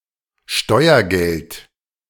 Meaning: tax money
- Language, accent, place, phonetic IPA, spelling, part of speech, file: German, Germany, Berlin, [ˈʃtɔɪ̯ɐˌɡɛlt], Steuergeld, noun, De-Steuergeld.ogg